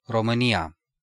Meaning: Romania (a country in Southeastern Europe)
- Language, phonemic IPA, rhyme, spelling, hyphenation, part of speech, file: Romanian, /ro.mɨˈni.a/, -ia, România, Ro‧mâ‧ni‧a, proper noun, Ro-România.ogg